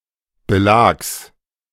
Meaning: genitive singular of Belag
- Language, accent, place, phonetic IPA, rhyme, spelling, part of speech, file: German, Germany, Berlin, [bəˈlaːks], -aːks, Belags, noun, De-Belags.ogg